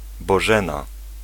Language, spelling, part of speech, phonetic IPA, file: Polish, Bożena, proper noun, [bɔˈʒɛ̃na], Pl-Bożena.ogg